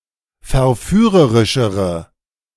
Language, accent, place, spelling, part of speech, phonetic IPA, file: German, Germany, Berlin, verführerischere, adjective, [fɛɐ̯ˈfyːʁəʁɪʃəʁə], De-verführerischere.ogg
- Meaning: inflection of verführerisch: 1. strong/mixed nominative/accusative feminine singular comparative degree 2. strong nominative/accusative plural comparative degree